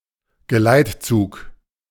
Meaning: convoy
- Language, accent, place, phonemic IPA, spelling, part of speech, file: German, Germany, Berlin, /ɡəˈlaɪ̯tˌt͡suːk/, Geleitzug, noun, De-Geleitzug.ogg